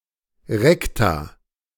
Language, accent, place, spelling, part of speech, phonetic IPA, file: German, Germany, Berlin, Rekta, noun, [ˈʁɛkta], De-Rekta.ogg
- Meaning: plural of Rektum